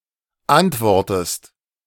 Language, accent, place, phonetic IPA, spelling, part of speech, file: German, Germany, Berlin, [ˈantˌvɔʁtəst], antwortest, verb, De-antwortest.ogg
- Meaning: inflection of antworten: 1. second-person singular present 2. second-person singular subjunctive I